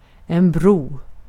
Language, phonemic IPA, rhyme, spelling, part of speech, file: Swedish, /bruː/, -uː, bro, noun, Sv-bro.ogg
- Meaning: 1. a bridge (construction that spans a divide) 2. a road bank (road reinforced with stone or timber, in particular across wetlands) 3. a quay